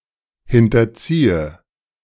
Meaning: inflection of hinterziehen: 1. first-person singular present 2. first/third-person singular subjunctive I 3. singular imperative
- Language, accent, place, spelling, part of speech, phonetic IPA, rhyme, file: German, Germany, Berlin, hinterziehe, verb, [ˌhɪntɐˈt͡siːə], -iːə, De-hinterziehe.ogg